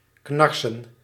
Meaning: 1. to creak; to make a high-pitched, grating noise 2. to grind (one's teeth together)
- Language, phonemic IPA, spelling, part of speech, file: Dutch, /ˈknɑr.sə(n)/, knarsen, verb, Nl-knarsen.ogg